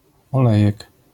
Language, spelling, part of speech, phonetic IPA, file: Polish, olejek, noun, [ɔˈlɛjɛk], LL-Q809 (pol)-olejek.wav